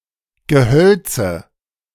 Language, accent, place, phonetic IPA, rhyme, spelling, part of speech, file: German, Germany, Berlin, [ɡəˈhœlt͡sə], -œlt͡sə, Gehölze, noun, De-Gehölze.ogg
- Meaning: 1. nominative/accusative/genitive plural of Gehölz 2. dative singular of Gehölz